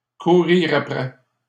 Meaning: to chase, to pursue, to chase after (somebody)
- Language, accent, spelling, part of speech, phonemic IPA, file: French, Canada, courir après, verb, /ku.ʁiʁ a.pʁɛ/, LL-Q150 (fra)-courir après.wav